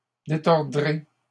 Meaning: second-person plural simple future of détordre
- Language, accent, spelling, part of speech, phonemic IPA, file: French, Canada, détordrez, verb, /de.tɔʁ.dʁe/, LL-Q150 (fra)-détordrez.wav